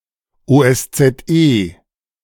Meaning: OSCE; initialism of Organisation für Sicherheit und Zusammenarbeit in Europa
- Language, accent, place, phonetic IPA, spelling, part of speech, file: German, Germany, Berlin, [oːʔɛst͡sɛtˈʔeː], OSZE, abbreviation, De-OSZE.ogg